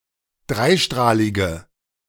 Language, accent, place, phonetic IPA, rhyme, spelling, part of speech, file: German, Germany, Berlin, [ˈdʁaɪ̯ˌʃtʁaːlɪɡə], -aɪ̯ʃtʁaːlɪɡə, dreistrahlige, adjective, De-dreistrahlige.ogg
- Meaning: inflection of dreistrahlig: 1. strong/mixed nominative/accusative feminine singular 2. strong nominative/accusative plural 3. weak nominative all-gender singular